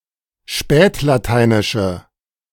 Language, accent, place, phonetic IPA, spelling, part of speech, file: German, Germany, Berlin, [ˈʃpɛːtlaˌtaɪ̯nɪʃə], spätlateinische, adjective, De-spätlateinische.ogg
- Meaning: inflection of spätlateinisch: 1. strong/mixed nominative/accusative feminine singular 2. strong nominative/accusative plural 3. weak nominative all-gender singular